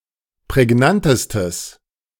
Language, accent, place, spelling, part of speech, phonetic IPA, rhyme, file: German, Germany, Berlin, prägnantestes, adjective, [pʁɛˈɡnantəstəs], -antəstəs, De-prägnantestes.ogg
- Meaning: strong/mixed nominative/accusative neuter singular superlative degree of prägnant